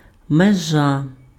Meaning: 1. bound, limit 2. border, delimitation 3. boundary, frontier
- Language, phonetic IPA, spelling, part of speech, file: Ukrainian, [meˈʒa], межа, noun, Uk-межа.ogg